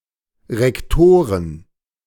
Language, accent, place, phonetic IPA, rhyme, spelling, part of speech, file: German, Germany, Berlin, [ʁɛkˈtoːʁən], -oːʁən, Rektoren, noun, De-Rektoren.ogg
- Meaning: plural of Rektor